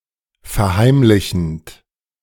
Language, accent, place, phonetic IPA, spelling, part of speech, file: German, Germany, Berlin, [fɛɐ̯ˈhaɪ̯mlɪçn̩t], verheimlichend, verb, De-verheimlichend.ogg
- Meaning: present participle of verheimlichen